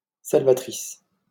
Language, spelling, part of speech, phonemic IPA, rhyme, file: French, salvatrice, adjective / noun, /sal.va.tʁis/, -is, LL-Q150 (fra)-salvatrice.wav
- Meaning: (adjective) feminine singular of salvateur; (noun) saviouress